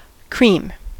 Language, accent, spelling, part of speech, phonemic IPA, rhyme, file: English, US, cream, noun / adjective / verb, /kɹim/, -iːm, En-us-cream.ogg
- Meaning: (noun) The butterfat or milkfat part of milk which rises to the top; this part when separated from the remainder